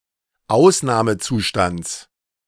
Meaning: genitive singular of Ausnahmezustand
- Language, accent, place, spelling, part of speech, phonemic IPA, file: German, Germany, Berlin, Ausnahmezustands, noun, /ˈʔaʊ̯snaːməˌtsuːʃtants/, De-Ausnahmezustands.ogg